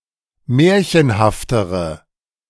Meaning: inflection of märchenhaft: 1. strong/mixed nominative/accusative feminine singular comparative degree 2. strong nominative/accusative plural comparative degree
- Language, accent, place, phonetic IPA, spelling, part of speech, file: German, Germany, Berlin, [ˈmɛːɐ̯çənhaftəʁə], märchenhaftere, adjective, De-märchenhaftere.ogg